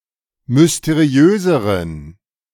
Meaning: inflection of mysteriös: 1. strong genitive masculine/neuter singular comparative degree 2. weak/mixed genitive/dative all-gender singular comparative degree
- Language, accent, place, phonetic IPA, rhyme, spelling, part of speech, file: German, Germany, Berlin, [mʏsteˈʁi̯øːzəʁən], -øːzəʁən, mysteriöseren, adjective, De-mysteriöseren.ogg